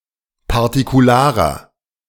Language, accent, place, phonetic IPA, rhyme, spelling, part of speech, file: German, Germany, Berlin, [paʁtikuˈlaːʁɐ], -aːʁɐ, partikularer, adjective, De-partikularer.ogg
- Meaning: inflection of partikular: 1. strong/mixed nominative masculine singular 2. strong genitive/dative feminine singular 3. strong genitive plural